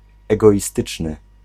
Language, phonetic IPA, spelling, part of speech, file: Polish, [ˌɛɡɔʲiˈstɨt͡ʃnɨ], egoistyczny, adjective, Pl-egoistyczny.ogg